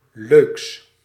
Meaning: partitive of leuk
- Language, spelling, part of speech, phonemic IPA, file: Dutch, leuks, adjective, /løːks/, Nl-leuks.ogg